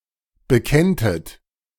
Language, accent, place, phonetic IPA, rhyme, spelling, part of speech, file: German, Germany, Berlin, [bəˈkɛntət], -ɛntət, bekenntet, verb, De-bekenntet.ogg
- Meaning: second-person plural subjunctive I of bekennen